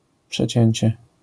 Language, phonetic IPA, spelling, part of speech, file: Polish, [pʃɛˈt͡ɕɛ̇̃ɲt͡ɕɛ], przecięcie, noun, LL-Q809 (pol)-przecięcie.wav